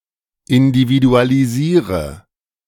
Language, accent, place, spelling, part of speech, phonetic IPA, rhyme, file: German, Germany, Berlin, individualisiere, verb, [ɪndividualiˈziːʁə], -iːʁə, De-individualisiere.ogg
- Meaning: inflection of individualisieren: 1. first-person singular present 2. singular imperative 3. first/third-person singular subjunctive I